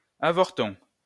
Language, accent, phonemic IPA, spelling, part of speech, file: French, France, /a.vɔʁ.tɔ̃/, avorton, noun, LL-Q150 (fra)-avorton.wav
- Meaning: 1. little runt 2. miscarriage, abortion, stunted effort (something deformed or incomplete)